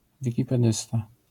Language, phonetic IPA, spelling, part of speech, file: Polish, [ˌvʲicipɛˈdɨsta], wikipedysta, noun, LL-Q809 (pol)-wikipedysta.wav